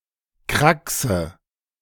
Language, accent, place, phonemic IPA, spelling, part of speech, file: German, Germany, Berlin, /ˈkʁaksə/, Kraxe, noun, De-Kraxe.ogg
- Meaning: 1. pannier for one's back 2. an old, dilapidated vehicle or device 3. illegible lettering